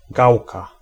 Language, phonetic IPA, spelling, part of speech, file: Polish, [ˈɡawka], gałka, noun, Pl-gałka.ogg